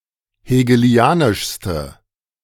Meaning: inflection of hegelianisch: 1. strong/mixed nominative/accusative feminine singular superlative degree 2. strong nominative/accusative plural superlative degree
- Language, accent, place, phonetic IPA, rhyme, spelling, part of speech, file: German, Germany, Berlin, [heːɡəˈli̯aːnɪʃstə], -aːnɪʃstə, hegelianischste, adjective, De-hegelianischste.ogg